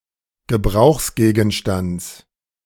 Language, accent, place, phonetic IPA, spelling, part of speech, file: German, Germany, Berlin, [ɡəˈbʁaʊ̯xsɡeːɡn̩ˌʃtant͡s], Gebrauchsgegenstands, noun, De-Gebrauchsgegenstands.ogg
- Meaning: genitive singular of Gebrauchsgegenstand